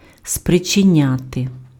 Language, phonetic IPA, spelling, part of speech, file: Ukrainian, [spret͡ʃeˈnʲate], спричиняти, verb, Uk-спричиняти.ogg
- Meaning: to cause, to occasion